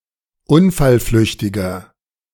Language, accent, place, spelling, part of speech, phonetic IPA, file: German, Germany, Berlin, unfallflüchtiger, adjective, [ˈʊnfalˌflʏçtɪɡɐ], De-unfallflüchtiger.ogg
- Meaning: inflection of unfallflüchtig: 1. strong/mixed nominative masculine singular 2. strong genitive/dative feminine singular 3. strong genitive plural